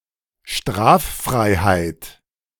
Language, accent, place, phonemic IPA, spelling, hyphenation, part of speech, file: German, Germany, Berlin, /ˈʃtʁaːffʁaɪ̯haɪ̯t/, Straffreiheit, Straf‧frei‧heit, noun, De-Straffreiheit.ogg
- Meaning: exemption from punishment